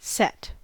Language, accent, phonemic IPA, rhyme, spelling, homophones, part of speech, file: English, US, /sɛt/, -ɛt, set, sett, verb / noun / adjective, En-us-set.ogg
- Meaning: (verb) 1. To put (something) down, to rest 2. To attach or affix (something) to something else, or in or upon a certain place 3. To put in a specified condition or state; to cause to be